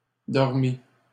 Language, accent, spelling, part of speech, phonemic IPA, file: French, Canada, dormit, verb, /dɔʁ.mi/, LL-Q150 (fra)-dormit.wav
- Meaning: third-person singular past historic of dormir